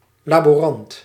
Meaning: lab assistant, somebody who assists in a laboratory
- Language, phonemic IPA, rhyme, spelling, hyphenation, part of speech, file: Dutch, /ˈlaː.boːˈrɑnt/, -ɑnt, laborant, la‧bo‧rant, noun, Nl-laborant.ogg